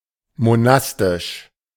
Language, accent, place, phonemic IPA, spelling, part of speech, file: German, Germany, Berlin, /moˈnastɪʃ/, monastisch, adjective, De-monastisch.ogg
- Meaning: monastic